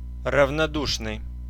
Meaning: indifferent, apathetic (void of feeling)
- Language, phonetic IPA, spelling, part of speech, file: Russian, [rəvnɐˈduʂnɨj], равнодушный, adjective, Ru-равнодушный.ogg